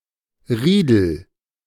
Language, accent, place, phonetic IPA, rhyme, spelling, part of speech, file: German, Germany, Berlin, [ˈʁiːdl̩], -iːdl̩, Riedel, noun / proper noun, De-Riedel.ogg
- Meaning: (noun) ridge (“length of high ground”); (proper noun) Riedel: a surname from landforms